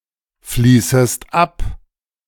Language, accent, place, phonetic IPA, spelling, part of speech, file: German, Germany, Berlin, [ˌfliːsəst ˈap], fließest ab, verb, De-fließest ab.ogg
- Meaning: second-person singular subjunctive I of abfließen